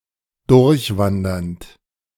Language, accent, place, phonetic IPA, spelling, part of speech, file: German, Germany, Berlin, [ˈdʊʁçˌvandɐnt], durchwandernd, verb, De-durchwandernd.ogg
- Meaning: present participle of durchwandern